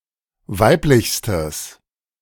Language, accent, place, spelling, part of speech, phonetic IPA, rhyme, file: German, Germany, Berlin, weiblichstes, adjective, [ˈvaɪ̯plɪçstəs], -aɪ̯plɪçstəs, De-weiblichstes.ogg
- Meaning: strong/mixed nominative/accusative neuter singular superlative degree of weiblich